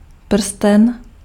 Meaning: ring (worn around the finger)
- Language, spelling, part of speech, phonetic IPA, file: Czech, prsten, noun, [ˈpr̩stɛn], Cs-prsten.ogg